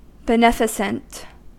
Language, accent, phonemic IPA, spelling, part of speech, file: English, US, /bəˈnɛ.fə.sənt/, beneficent, adjective, En-us-beneficent.ogg
- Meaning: Given to acts that are kind, charitable, philanthropic or beneficial